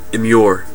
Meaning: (verb) 1. To cloister, confine, imprison or hole up: to lock someone up or seclude oneself behind walls 2. To put or bury within a wall 3. To wall in
- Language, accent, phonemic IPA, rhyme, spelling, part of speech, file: English, US, /ɪˈmjʊə(ɹ)/, -ʊə(ɹ), immure, verb / noun, En-us-immure.ogg